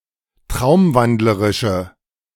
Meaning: inflection of traumwandlerisch: 1. strong/mixed nominative/accusative feminine singular 2. strong nominative/accusative plural 3. weak nominative all-gender singular
- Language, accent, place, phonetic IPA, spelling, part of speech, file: German, Germany, Berlin, [ˈtʁaʊ̯mˌvandləʁɪʃə], traumwandlerische, adjective, De-traumwandlerische.ogg